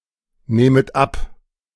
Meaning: second-person plural subjunctive I of abnehmen
- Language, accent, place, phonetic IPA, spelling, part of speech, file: German, Germany, Berlin, [ˌneːmət ˈap], nehmet ab, verb, De-nehmet ab.ogg